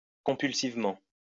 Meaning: compulsively
- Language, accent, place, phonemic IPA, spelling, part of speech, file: French, France, Lyon, /kɔ̃.pyl.siv.mɑ̃/, compulsivement, adverb, LL-Q150 (fra)-compulsivement.wav